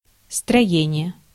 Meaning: 1. building 2. structure
- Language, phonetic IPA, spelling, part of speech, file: Russian, [strɐˈjenʲɪje], строение, noun, Ru-строение.ogg